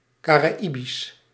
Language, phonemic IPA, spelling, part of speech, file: Dutch, /ˌkaː.raːˈi.bis/, Caraïbisch, adjective, Nl-Caraïbisch.ogg
- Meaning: Caribbean